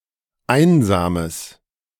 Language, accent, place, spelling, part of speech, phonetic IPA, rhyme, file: German, Germany, Berlin, einsames, adjective, [ˈaɪ̯nzaːməs], -aɪ̯nzaːməs, De-einsames.ogg
- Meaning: strong/mixed nominative/accusative neuter singular of einsam